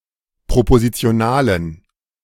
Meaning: inflection of propositional: 1. strong genitive masculine/neuter singular 2. weak/mixed genitive/dative all-gender singular 3. strong/weak/mixed accusative masculine singular 4. strong dative plural
- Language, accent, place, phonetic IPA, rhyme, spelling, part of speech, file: German, Germany, Berlin, [pʁopozit͡si̯oˈnaːlən], -aːlən, propositionalen, adjective, De-propositionalen.ogg